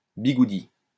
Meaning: 1. curler, roller (for hair) 2. willy, schlong (penis)
- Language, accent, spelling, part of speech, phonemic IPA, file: French, France, bigoudi, noun, /bi.ɡu.di/, LL-Q150 (fra)-bigoudi.wav